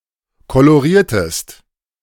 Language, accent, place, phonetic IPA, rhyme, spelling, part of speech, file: German, Germany, Berlin, [koloˈʁiːɐ̯təst], -iːɐ̯təst, coloriertest, verb, De-coloriertest.ogg
- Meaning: inflection of colorieren: 1. second-person singular preterite 2. second-person singular subjunctive II